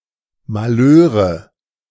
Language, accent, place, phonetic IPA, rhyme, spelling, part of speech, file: German, Germany, Berlin, [maˈløːʁə], -øːʁə, Malheure, noun, De-Malheure.ogg
- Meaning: nominative/accusative/genitive plural of Malheur